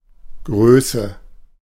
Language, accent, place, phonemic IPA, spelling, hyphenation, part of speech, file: German, Germany, Berlin, /ˈɡʁøːsə/, Größe, Grö‧ße, noun, De-Größe.ogg
- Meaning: 1. size, height 2. greatness 3. quantity